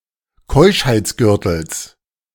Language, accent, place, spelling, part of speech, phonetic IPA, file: German, Germany, Berlin, Keuschheitsgürtels, noun, [ˈkɔɪ̯ʃhaɪ̯t͡sˌɡʏʁtl̩s], De-Keuschheitsgürtels.ogg
- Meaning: genitive of Keuschheitsgürtel